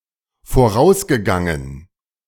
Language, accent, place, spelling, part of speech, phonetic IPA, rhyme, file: German, Germany, Berlin, vorausgegangen, verb, [foˈʁaʊ̯sɡəˌɡaŋən], -aʊ̯sɡəɡaŋən, De-vorausgegangen.ogg
- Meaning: past participle of vorausgehen